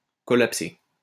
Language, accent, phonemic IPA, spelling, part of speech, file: French, France, /kɔ.lap.se/, collapser, verb, LL-Q150 (fra)-collapser.wav
- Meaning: to collapse